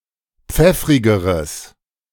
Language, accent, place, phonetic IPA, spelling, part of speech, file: German, Germany, Berlin, [ˈp͡fɛfʁɪɡəʁəs], pfeffrigeres, adjective, De-pfeffrigeres.ogg
- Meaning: strong/mixed nominative/accusative neuter singular comparative degree of pfeffrig